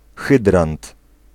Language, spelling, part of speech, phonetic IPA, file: Polish, hydrant, noun, [ˈxɨdrãnt], Pl-hydrant.ogg